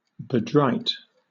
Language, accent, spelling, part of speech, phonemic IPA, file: English, Southern England, bedrite, verb, /bəˈdɹaɪt/, LL-Q1860 (eng)-bedrite.wav
- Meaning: To befoul with ordure; bedirt